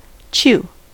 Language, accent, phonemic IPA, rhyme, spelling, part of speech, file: English, US, /t͡ʃ(j)u/, -uː, chew, verb / noun, En-us-chew.ogg
- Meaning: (verb) To crush with the teeth by repeated closing and opening of the jaws; done to food to soften it and break it down by the action of saliva before it is swallowed